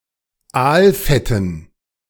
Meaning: dative plural of Aalfett
- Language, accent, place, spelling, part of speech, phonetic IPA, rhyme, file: German, Germany, Berlin, Aalfetten, noun, [ˈaːlˌfɛtn̩], -aːlfɛtn̩, De-Aalfetten.ogg